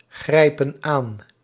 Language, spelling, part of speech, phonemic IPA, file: Dutch, grijpen aan, verb, /ˈɣrɛipə(n) ˈan/, Nl-grijpen aan.ogg
- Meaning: inflection of aangrijpen: 1. plural present indicative 2. plural present subjunctive